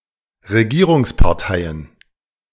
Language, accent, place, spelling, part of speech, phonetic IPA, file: German, Germany, Berlin, Regierungsparteien, noun, [ʁeˈɡiːʁʊŋspaʁˌtaɪ̯ən], De-Regierungsparteien.ogg
- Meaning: plural of Regierungspartei